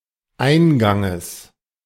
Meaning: genitive singular of Eingang
- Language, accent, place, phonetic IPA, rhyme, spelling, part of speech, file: German, Germany, Berlin, [ˈaɪ̯nˌɡaŋəs], -aɪ̯nɡaŋəs, Einganges, noun, De-Einganges.ogg